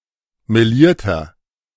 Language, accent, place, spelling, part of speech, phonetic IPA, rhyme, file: German, Germany, Berlin, melierter, adjective, [meˈliːɐ̯tɐ], -iːɐ̯tɐ, De-melierter.ogg
- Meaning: inflection of meliert: 1. strong/mixed nominative masculine singular 2. strong genitive/dative feminine singular 3. strong genitive plural